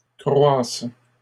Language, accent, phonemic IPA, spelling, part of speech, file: French, Canada, /kʁwas/, croisses, verb, LL-Q150 (fra)-croisses.wav
- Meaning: second-person singular present subjunctive of croître